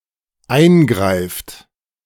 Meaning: inflection of eingreifen: 1. third-person singular dependent present 2. second-person plural dependent present
- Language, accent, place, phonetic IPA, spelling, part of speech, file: German, Germany, Berlin, [ˈaɪ̯nˌɡʁaɪ̯ft], eingreift, verb, De-eingreift.ogg